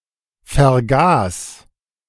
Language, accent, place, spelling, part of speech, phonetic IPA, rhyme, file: German, Germany, Berlin, vergaß, verb, [fɛɐ̯ˈɡaːs], -aːs, De-vergaß.ogg
- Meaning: first/third-person singular preterite of vergessen